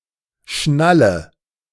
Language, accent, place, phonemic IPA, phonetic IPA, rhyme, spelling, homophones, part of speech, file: German, Germany, Berlin, /ˈʃnalə/, [ˈʃna.lə], -alə, Schnalle, schnalle, noun, De-Schnalle.ogg
- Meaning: anything that fastens and secures the position of something, clasp, frequently